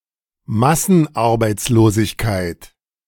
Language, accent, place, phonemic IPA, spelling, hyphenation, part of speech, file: German, Germany, Berlin, /ˈmasənˌaʁbaɪ̯tsloːzɪçkaɪ̯t/, Massenarbeitslosigkeit, Mas‧sen‧ar‧beits‧lo‧sig‧keit, noun, De-Massenarbeitslosigkeit.ogg
- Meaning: mass unemployment